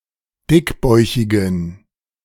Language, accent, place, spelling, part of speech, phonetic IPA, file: German, Germany, Berlin, dickbäuchigen, adjective, [ˈdɪkˌbɔɪ̯çɪɡn̩], De-dickbäuchigen.ogg
- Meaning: inflection of dickbäuchig: 1. strong genitive masculine/neuter singular 2. weak/mixed genitive/dative all-gender singular 3. strong/weak/mixed accusative masculine singular 4. strong dative plural